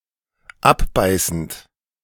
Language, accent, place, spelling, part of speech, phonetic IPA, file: German, Germany, Berlin, abbeißend, verb, [ˈapˌbaɪ̯sn̩t], De-abbeißend.ogg
- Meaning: present participle of abbeißen